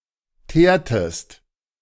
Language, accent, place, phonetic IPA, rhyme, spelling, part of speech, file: German, Germany, Berlin, [ˈteːɐ̯təst], -eːɐ̯təst, teertest, verb, De-teertest.ogg
- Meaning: inflection of teeren: 1. second-person singular preterite 2. second-person singular subjunctive II